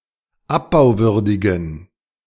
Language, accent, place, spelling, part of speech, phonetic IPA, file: German, Germany, Berlin, abbauwürdigen, adjective, [ˈapbaʊ̯ˌvʏʁdɪɡn̩], De-abbauwürdigen.ogg
- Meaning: inflection of abbauwürdig: 1. strong genitive masculine/neuter singular 2. weak/mixed genitive/dative all-gender singular 3. strong/weak/mixed accusative masculine singular 4. strong dative plural